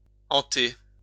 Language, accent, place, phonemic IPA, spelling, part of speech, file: French, France, Lyon, /ɑ̃.te/, hanter, verb, LL-Q150 (fra)-hanter.wav
- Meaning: 1. to haunt 2. to frequent